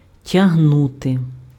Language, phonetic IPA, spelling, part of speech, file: Ukrainian, [tʲɐɦˈnute], тягнути, verb, Uk-тягнути.ogg
- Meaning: to drag, to pull